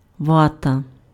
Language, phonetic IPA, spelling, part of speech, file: Ukrainian, [ˈʋatɐ], вата, noun, Uk-вата.ogg
- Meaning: absorbent cotton, cotton wool, wadding